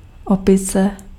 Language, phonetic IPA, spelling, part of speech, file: Czech, [ˈopɪt͡sɛ], opice, noun, Cs-opice.ogg
- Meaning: 1. monkey 2. ape 3. drunkenness